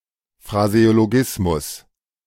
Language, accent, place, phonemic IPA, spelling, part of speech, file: German, Germany, Berlin, /fʁazeoloˈɡɪsmʊs/, Phraseologismus, noun, De-Phraseologismus.ogg
- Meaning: phraseology (a set or fixed expression)